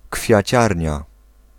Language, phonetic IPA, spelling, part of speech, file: Polish, [kfʲjäˈt͡ɕarʲɲa], kwiaciarnia, noun, Pl-kwiaciarnia.ogg